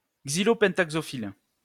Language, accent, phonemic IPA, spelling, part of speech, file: French, France, /ɡzi.lɔ.pɑ̃.tak.sɔ.fil/, xylopentaxophile, noun, LL-Q150 (fra)-xylopentaxophile.wav
- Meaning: a collector of gallows and wooden instruments of torture